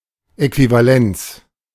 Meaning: equivalence
- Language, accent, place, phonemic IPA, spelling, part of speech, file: German, Germany, Berlin, /ˌɛkvivaˈlɛnt͡s/, Äquivalenz, noun, De-Äquivalenz.ogg